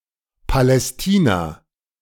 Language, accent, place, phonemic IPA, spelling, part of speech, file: German, Germany, Berlin, /palɛsˈtiːna/, Palästina, proper noun, De-Palästina.ogg
- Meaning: 1. Palestine (a region of Western Asia) 2. Palestine (a country in Western Asia, in the Middle East; the State of Palestine; the homeland of the Palestinian people)